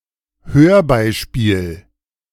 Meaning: audio clip, audio example, audio sample, audio excerpt, sound bite
- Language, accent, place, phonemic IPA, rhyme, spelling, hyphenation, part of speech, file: German, Germany, Berlin, /ˈhøːɐ̯ˌˌbaɪ̯ʃpiːl/, -iːl, Hörbeispiel, Hör‧bei‧spiel, noun, De-Hörbeispiel.ogg